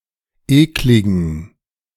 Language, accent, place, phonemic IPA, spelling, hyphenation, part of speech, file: German, Germany, Berlin, /ˈeːklɪɡn̩/, ekligen, ek‧li‧gen, adjective, De-ekligen2.ogg
- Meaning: inflection of eklig: 1. strong genitive masculine/neuter singular 2. weak/mixed genitive/dative all-gender singular 3. strong/weak/mixed accusative masculine singular 4. strong dative plural